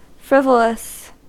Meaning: Silly, especially at an inappropriate time or in an inappropriate manner; lacking a good reason for being, or for doing what one does; due to or moved by a caprice or whim
- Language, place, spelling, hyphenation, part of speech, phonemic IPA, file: English, California, frivolous, friv‧o‧lous, adjective, /ˈfɹɪv.ə.ləs/, En-us-frivolous.ogg